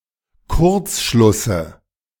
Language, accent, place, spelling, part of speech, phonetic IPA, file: German, Germany, Berlin, Kurzschlusse, noun, [ˈkʊʁt͡sˌʃlʊsə], De-Kurzschlusse.ogg
- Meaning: dative singular of Kurzschluss